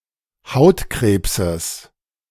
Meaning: genitive singular of Hautkrebs
- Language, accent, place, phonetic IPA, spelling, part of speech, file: German, Germany, Berlin, [ˈhaʊ̯tˌkʁeːpsəs], Hautkrebses, noun, De-Hautkrebses.ogg